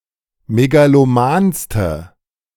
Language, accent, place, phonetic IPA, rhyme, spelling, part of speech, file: German, Germany, Berlin, [meɡaloˈmaːnstə], -aːnstə, megalomanste, adjective, De-megalomanste.ogg
- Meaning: inflection of megaloman: 1. strong/mixed nominative/accusative feminine singular superlative degree 2. strong nominative/accusative plural superlative degree